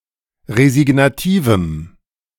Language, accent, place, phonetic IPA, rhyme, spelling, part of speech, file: German, Germany, Berlin, [ʁezɪɡnaˈtiːvm̩], -iːvm̩, resignativem, adjective, De-resignativem.ogg
- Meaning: strong dative masculine/neuter singular of resignativ